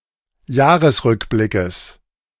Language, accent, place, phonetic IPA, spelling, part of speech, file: German, Germany, Berlin, [ˈjaːʁəsˌʁʏkblɪkəs], Jahresrückblickes, noun, De-Jahresrückblickes.ogg
- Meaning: genitive of Jahresrückblick